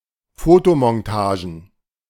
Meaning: plural of Fotomontage
- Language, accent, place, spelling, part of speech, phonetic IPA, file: German, Germany, Berlin, Fotomontagen, noun, [ˈfoːtomɔnˌtaːʒn̩], De-Fotomontagen.ogg